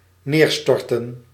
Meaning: to crash down
- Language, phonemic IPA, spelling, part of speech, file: Dutch, /ˈnerstɔrtə(n)/, neerstorten, verb, Nl-neerstorten.ogg